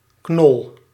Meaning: 1. tuber 2. corm, bulbotuber 3. bulge, protrusion 4. nag, inferior horse 5. workhorse, draft horse 6. synonym of knolraap (“turnip”)
- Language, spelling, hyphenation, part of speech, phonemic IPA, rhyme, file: Dutch, knol, knol, noun, /knɔl/, -ɔl, Nl-knol.ogg